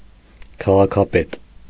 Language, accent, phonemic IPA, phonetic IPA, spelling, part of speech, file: Armenian, Eastern Armenian, /kʰɑʁɑkʰɑˈpet/, [kʰɑʁɑkʰɑpét], քաղաքապետ, noun, Hy-քաղաքապետ.ogg
- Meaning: mayor